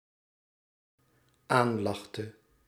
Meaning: inflection of aanlachen: 1. singular dependent-clause past indicative 2. singular dependent-clause past subjunctive
- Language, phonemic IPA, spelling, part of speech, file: Dutch, /ˈanlɑxtə/, aanlachte, verb, Nl-aanlachte.ogg